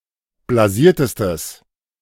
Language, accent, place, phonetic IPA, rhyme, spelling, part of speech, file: German, Germany, Berlin, [blaˈziːɐ̯təstəs], -iːɐ̯təstəs, blasiertestes, adjective, De-blasiertestes.ogg
- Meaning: strong/mixed nominative/accusative neuter singular superlative degree of blasiert